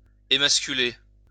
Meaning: 1. to emasculate (to deprive a male of the organs of reproduction) 2. to emasculate (to make weak, to deprive one of one's strength, to strip of one's original strength)
- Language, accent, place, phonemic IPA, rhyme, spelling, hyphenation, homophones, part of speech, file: French, France, Lyon, /e.mas.ky.le/, -e, émasculer, é‧mas‧cu‧ler, émasculai / émasculé / émasculée / émasculées / émasculés / émasculez, verb, LL-Q150 (fra)-émasculer.wav